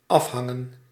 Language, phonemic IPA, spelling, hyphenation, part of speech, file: Dutch, /ˈɑfˌɦɑŋə(n)/, afhangen, af‧han‧gen, verb, Nl-afhangen.ogg
- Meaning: to depend